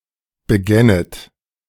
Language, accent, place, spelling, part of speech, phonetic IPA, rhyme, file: German, Germany, Berlin, begännet, verb, [bəˈɡɛnət], -ɛnət, De-begännet.ogg
- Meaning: second-person plural subjunctive II of beginnen